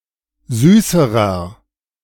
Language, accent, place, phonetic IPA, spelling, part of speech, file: German, Germany, Berlin, [ˈzyːsəʁɐ], süßerer, adjective, De-süßerer.ogg
- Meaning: inflection of süß: 1. strong/mixed nominative masculine singular comparative degree 2. strong genitive/dative feminine singular comparative degree 3. strong genitive plural comparative degree